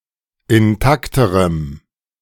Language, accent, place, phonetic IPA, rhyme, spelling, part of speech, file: German, Germany, Berlin, [ɪnˈtaktəʁəm], -aktəʁəm, intakterem, adjective, De-intakterem.ogg
- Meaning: strong dative masculine/neuter singular comparative degree of intakt